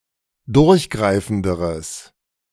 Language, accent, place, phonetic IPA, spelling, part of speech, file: German, Germany, Berlin, [ˈdʊʁçˌɡʁaɪ̯fn̩dəʁəs], durchgreifenderes, adjective, De-durchgreifenderes.ogg
- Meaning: strong/mixed nominative/accusative neuter singular comparative degree of durchgreifend